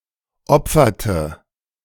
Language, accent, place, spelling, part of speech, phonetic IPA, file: German, Germany, Berlin, opferte, verb, [ˈɔp͡fɐtə], De-opferte.ogg
- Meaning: inflection of opfern: 1. first/third-person singular preterite 2. first/third-person singular subjunctive II